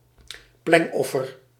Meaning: libation
- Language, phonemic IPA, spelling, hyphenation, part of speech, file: Dutch, /ˈplɛŋˌɔ.fər/, plengoffer, pleng‧of‧fer, noun, Nl-plengoffer.ogg